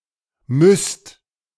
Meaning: second-person plural present of müssen
- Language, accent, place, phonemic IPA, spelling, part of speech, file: German, Germany, Berlin, /mʏst/, müsst, verb, De-müsst.ogg